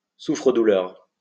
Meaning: punchbag, punching bag (person or animal used by someone to let out their anger)
- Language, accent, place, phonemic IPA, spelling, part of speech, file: French, France, Lyon, /su.fʁə.du.lœʁ/, souffre-douleur, noun, LL-Q150 (fra)-souffre-douleur.wav